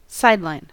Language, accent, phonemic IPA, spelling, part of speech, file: English, US, /ˈsaɪdlaɪn/, sideline, noun / verb, En-us-sideline.ogg
- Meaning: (noun) 1. A line at the side of something 2. Something that is additional or extra or that exists around the edges or margins of a main item